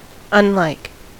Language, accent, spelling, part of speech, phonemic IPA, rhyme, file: English, US, unlike, adjective / preposition / noun / verb, /ʌnˈlaɪk/, -aɪk, En-us-unlike.ogg
- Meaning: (adjective) 1. Not like; dissimilar (to); having no resemblance; unalike 2. Unequal 3. Not likely; improbable; unlikely; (preposition) Different from; not in a like or similar manner